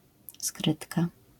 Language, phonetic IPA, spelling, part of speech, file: Polish, [ˈskrɨtka], skrytka, noun, LL-Q809 (pol)-skrytka.wav